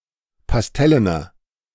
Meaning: inflection of pastellen: 1. strong/mixed nominative masculine singular 2. strong genitive/dative feminine singular 3. strong genitive plural
- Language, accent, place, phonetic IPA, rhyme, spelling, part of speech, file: German, Germany, Berlin, [pasˈtɛlənɐ], -ɛlənɐ, pastellener, adjective, De-pastellener.ogg